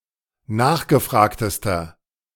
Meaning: inflection of nachgefragt: 1. strong/mixed nominative masculine singular superlative degree 2. strong genitive/dative feminine singular superlative degree 3. strong genitive plural superlative degree
- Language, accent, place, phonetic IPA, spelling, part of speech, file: German, Germany, Berlin, [ˈnaːxɡəˌfʁaːktəstɐ], nachgefragtester, adjective, De-nachgefragtester.ogg